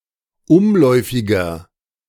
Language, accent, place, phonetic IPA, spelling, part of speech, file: German, Germany, Berlin, [ˈʊmˌlɔɪ̯fɪɡɐ], umläufiger, adjective, De-umläufiger.ogg
- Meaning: 1. comparative degree of umläufig 2. inflection of umläufig: strong/mixed nominative masculine singular 3. inflection of umläufig: strong genitive/dative feminine singular